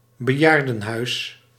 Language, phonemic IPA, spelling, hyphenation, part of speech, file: Dutch, /bəˈjaːr.də(n)ˌɦœy̯s/, bejaardenhuis, be‧jaar‧den‧huis, noun, Nl-bejaardenhuis.ogg
- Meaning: retirement home, old people's home